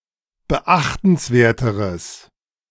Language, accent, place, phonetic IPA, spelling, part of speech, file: German, Germany, Berlin, [bəˈʔaxtn̩sˌveːɐ̯təʁəs], beachtenswerteres, adjective, De-beachtenswerteres.ogg
- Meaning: strong/mixed nominative/accusative neuter singular comparative degree of beachtenswert